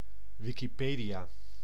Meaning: Wikipedia
- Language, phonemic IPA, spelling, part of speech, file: Dutch, /ˌʋɪkiˈpeːdiaː/, Wikipedia, proper noun, Nl-Wikipedia.ogg